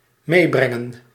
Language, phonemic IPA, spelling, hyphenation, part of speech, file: Dutch, /ˈmeːˌbrɛŋə(n)/, meebrengen, mee‧bren‧gen, verb, Nl-meebrengen.ogg
- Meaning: to bring along, bring with